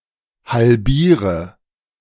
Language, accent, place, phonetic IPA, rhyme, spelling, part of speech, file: German, Germany, Berlin, [halˈbiːʁə], -iːʁə, halbiere, verb, De-halbiere.ogg
- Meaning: inflection of halbieren: 1. first-person singular present 2. first/third-person singular subjunctive I 3. singular imperative